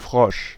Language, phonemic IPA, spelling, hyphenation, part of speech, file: German, /fʁɔʃ/, Frosch, Frosch, noun, De-Frosch.ogg
- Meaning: frog